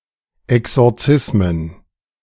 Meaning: plural of Exorzismus
- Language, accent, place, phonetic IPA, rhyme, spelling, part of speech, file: German, Germany, Berlin, [ɛksɔʁˈt͡sɪsmən], -ɪsmən, Exorzismen, noun, De-Exorzismen.ogg